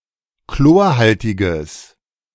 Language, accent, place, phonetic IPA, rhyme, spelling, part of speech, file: German, Germany, Berlin, [ˈkloːɐ̯ˌhaltɪɡəs], -oːɐ̯haltɪɡəs, chlorhaltiges, adjective, De-chlorhaltiges.ogg
- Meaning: strong/mixed nominative/accusative neuter singular of chlorhaltig